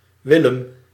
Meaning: a male given name from Proto-Germanic, equivalent to English William
- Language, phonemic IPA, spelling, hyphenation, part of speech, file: Dutch, /ˈʋɪ.ləm/, Willem, Wil‧lem, proper noun, Nl-Willem.ogg